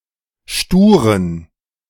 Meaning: inflection of stur: 1. strong genitive masculine/neuter singular 2. weak/mixed genitive/dative all-gender singular 3. strong/weak/mixed accusative masculine singular 4. strong dative plural
- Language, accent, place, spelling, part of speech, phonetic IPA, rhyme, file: German, Germany, Berlin, sturen, adjective, [ˈʃtuːʁən], -uːʁən, De-sturen.ogg